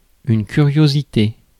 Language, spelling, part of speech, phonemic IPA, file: French, curiosité, noun, /ky.ʁjo.zi.te/, Fr-curiosité.ogg
- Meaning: 1. curiosity 2. oddity, curious fact